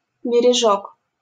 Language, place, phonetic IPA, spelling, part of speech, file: Russian, Saint Petersburg, [bʲɪrʲɪˈʐok], бережок, noun, LL-Q7737 (rus)-бережок.wav
- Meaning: endearing diminutive of бе́рег (béreg, “bank, shore, coast”)